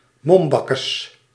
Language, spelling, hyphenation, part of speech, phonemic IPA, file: Dutch, mombakkes, mom‧bak‧kes, noun, /ˈmɔmˌbɑ.kəs/, Nl-mombakkes.ogg
- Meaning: mask